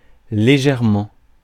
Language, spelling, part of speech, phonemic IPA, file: French, légèrement, adverb, /le.ʒɛʁ.mɑ̃/, Fr-légèrement.ogg
- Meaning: 1. lightly 2. slightly